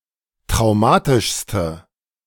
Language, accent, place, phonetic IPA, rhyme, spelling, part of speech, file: German, Germany, Berlin, [tʁaʊ̯ˈmaːtɪʃstə], -aːtɪʃstə, traumatischste, adjective, De-traumatischste.ogg
- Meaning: inflection of traumatisch: 1. strong/mixed nominative/accusative feminine singular superlative degree 2. strong nominative/accusative plural superlative degree